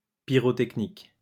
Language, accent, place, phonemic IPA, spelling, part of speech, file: French, France, Lyon, /pi.ʁɔ.tɛk.nik/, pyrotechnique, adjective, LL-Q150 (fra)-pyrotechnique.wav
- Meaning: pyrotechnic